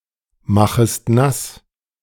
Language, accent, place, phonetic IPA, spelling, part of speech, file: German, Germany, Berlin, [ˌmaxəst ˈnas], machest nass, verb, De-machest nass.ogg
- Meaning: second-person singular subjunctive I of nassmachen